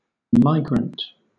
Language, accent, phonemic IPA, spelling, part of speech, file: English, Southern England, /ˈmaɪɡɹənt/, migrant, noun / adjective, LL-Q1860 (eng)-migrant.wav
- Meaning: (noun) 1. A migratory animal, in particular a migratory bird 2. Traveller or worker who moves from one region or country to another